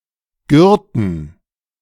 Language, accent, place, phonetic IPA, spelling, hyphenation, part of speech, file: German, Germany, Berlin, [ˈɡʏʁtn̩], gürten, gür‧ten, verb, De-gürten.ogg
- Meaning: to gird